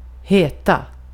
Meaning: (verb) 1. to be called; to have as one's name, to hight 2. to be claimed (often of something dubious) 3. to call, to name; to command; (adjective) inflection of het: 1. definite singular 2. plural
- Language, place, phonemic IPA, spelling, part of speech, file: Swedish, Gotland, /²heːˌta/, heta, verb / adjective, Sv-heta.ogg